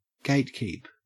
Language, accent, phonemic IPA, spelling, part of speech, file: English, Australia, /ˈɡeɪt.kiːp/, gatekeep, verb / noun, En-au-gatekeep.ogg
- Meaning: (verb) 1. To control or limit access to something 2. To limit (sometimes manipulatively, rather than directly) how much of a role another party, often a spouse, has in some task